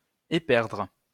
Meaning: to lose one's way
- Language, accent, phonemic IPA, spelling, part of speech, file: French, France, /e.pɛʁdʁ/, éperdre, verb, LL-Q150 (fra)-éperdre.wav